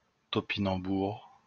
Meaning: Jerusalem artichoke (Helianthus tuberosus)
- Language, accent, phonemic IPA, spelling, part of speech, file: French, France, /tɔ.pi.nɑ̃.buʁ/, topinambour, noun, LL-Q150 (fra)-topinambour.wav